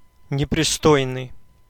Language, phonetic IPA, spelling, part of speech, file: Russian, [nʲɪprʲɪˈstojnɨj], непристойный, adjective, Ru-непристойный.ogg
- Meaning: obscene, indecent